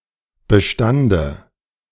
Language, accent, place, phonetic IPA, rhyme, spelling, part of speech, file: German, Germany, Berlin, [bəˈʃtandə], -andə, Bestande, noun, De-Bestande.ogg
- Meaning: dative singular of Bestand